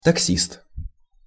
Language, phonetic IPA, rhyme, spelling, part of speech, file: Russian, [tɐkˈsʲist], -ist, таксист, noun, Ru-таксист.ogg
- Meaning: taxi driver